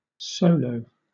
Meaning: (noun) 1. A piece of music for one performer 2. A job or performance done by one person alone 3. A card game similar to whist in which each player plays against the others in turn without a partner
- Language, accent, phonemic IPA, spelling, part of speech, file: English, Southern England, /ˈsəʊ.ləʊ/, solo, noun / adjective / adverb / verb, LL-Q1860 (eng)-solo.wav